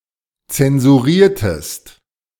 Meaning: inflection of zensurieren: 1. second-person singular preterite 2. second-person singular subjunctive II
- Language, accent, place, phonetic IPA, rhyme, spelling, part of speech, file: German, Germany, Berlin, [t͡sɛnzuˈʁiːɐ̯təst], -iːɐ̯təst, zensuriertest, verb, De-zensuriertest.ogg